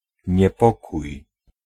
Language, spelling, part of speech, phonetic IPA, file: Polish, niepokój, noun / verb, [ɲɛˈpɔkuj], Pl-niepokój.ogg